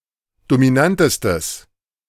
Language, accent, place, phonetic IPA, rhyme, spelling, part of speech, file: German, Germany, Berlin, [domiˈnantəstəs], -antəstəs, dominantestes, adjective, De-dominantestes.ogg
- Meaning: strong/mixed nominative/accusative neuter singular superlative degree of dominant